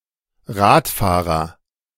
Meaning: 1. agent noun of Rad fahren: cyclist 2. someone who is meek towards their superiors and despotic towards their inferiors
- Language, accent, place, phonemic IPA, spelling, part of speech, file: German, Germany, Berlin, /ˈʁa(ː)tˌfaːʁɐ/, Radfahrer, noun, De-Radfahrer.ogg